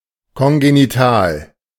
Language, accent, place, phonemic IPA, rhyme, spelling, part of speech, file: German, Germany, Berlin, /kɔnɡeniˈtaːl/, -aːl, kongenital, adjective, De-kongenital.ogg
- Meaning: congenital (present since birth)